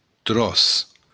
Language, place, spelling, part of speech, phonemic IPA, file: Occitan, Béarn, tròç, noun, /trɔs/, LL-Q14185 (oci)-tròç.wav
- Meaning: chunk, large piece